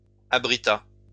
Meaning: third-person singular past historic of abriter
- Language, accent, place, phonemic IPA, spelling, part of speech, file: French, France, Lyon, /a.bʁi.ta/, abrita, verb, LL-Q150 (fra)-abrita.wav